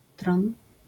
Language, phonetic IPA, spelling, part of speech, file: Polish, [trɔ̃n], tron, noun, LL-Q809 (pol)-tron.wav